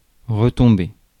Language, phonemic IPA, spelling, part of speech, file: French, /ʁə.tɔ̃.be/, retomber, verb, Fr-retomber.ogg
- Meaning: to refall, to fall again, to fall back down